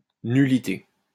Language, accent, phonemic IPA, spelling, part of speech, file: French, France, /ny.li.te/, nullité, noun, LL-Q150 (fra)-nullité.wav
- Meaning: 1. nullity, invalidity 2. a zero, insignificant or useless person or object